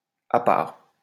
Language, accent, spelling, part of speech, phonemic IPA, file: French, France, appart, noun, /a.paʁt/, LL-Q150 (fra)-appart.wav
- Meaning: apartment, flat